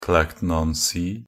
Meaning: Clacton-on-Sea (a resort town in Tendring district, Essex, East of England, England, United Kingdom)
- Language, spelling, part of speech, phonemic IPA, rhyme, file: Norwegian Bokmål, Clacton-on-Sea, proper noun, /ˈklæktn̩.ɔn.siː/, -iː, Nb-clacton-on-sea.ogg